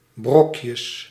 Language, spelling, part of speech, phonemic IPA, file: Dutch, brokjes, noun, /ˈbrɔkjəs/, Nl-brokjes.ogg
- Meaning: plural of brokje